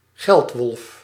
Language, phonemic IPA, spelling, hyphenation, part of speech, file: Dutch, /ˈɣɛlt.ʋɔlf/, geldwolf, geld‧wolf, noun, Nl-geldwolf.ogg
- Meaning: greedhead, somebody who is greedy for money